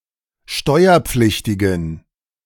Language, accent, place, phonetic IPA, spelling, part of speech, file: German, Germany, Berlin, [ˈʃtɔɪ̯ɐˌp͡flɪçtɪɡn̩], steuerpflichtigen, adjective, De-steuerpflichtigen.ogg
- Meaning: inflection of steuerpflichtig: 1. strong genitive masculine/neuter singular 2. weak/mixed genitive/dative all-gender singular 3. strong/weak/mixed accusative masculine singular 4. strong dative plural